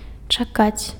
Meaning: to wait
- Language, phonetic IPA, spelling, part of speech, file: Belarusian, [t͡ʂaˈkat͡sʲ], чакаць, verb, Be-чакаць.ogg